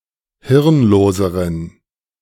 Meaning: inflection of hirnlos: 1. strong genitive masculine/neuter singular comparative degree 2. weak/mixed genitive/dative all-gender singular comparative degree
- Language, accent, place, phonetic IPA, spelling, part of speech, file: German, Germany, Berlin, [ˈhɪʁnˌloːzəʁən], hirnloseren, adjective, De-hirnloseren.ogg